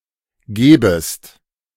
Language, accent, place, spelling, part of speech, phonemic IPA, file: German, Germany, Berlin, gebest, verb, /ˈɡeːbəst/, De-gebest.ogg
- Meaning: second-person singular subjunctive I of geben